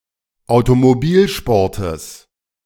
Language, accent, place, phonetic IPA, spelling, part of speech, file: German, Germany, Berlin, [aʊ̯tomoˈbiːlʃpɔʁtəs], Automobilsportes, noun, De-Automobilsportes.ogg
- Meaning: genitive singular of Automobilsport